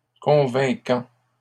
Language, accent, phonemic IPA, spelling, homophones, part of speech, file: French, Canada, /kɔ̃.vɛ̃.kɑ̃/, convainquant, convaincant, verb, LL-Q150 (fra)-convainquant.wav
- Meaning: present participle of convaincre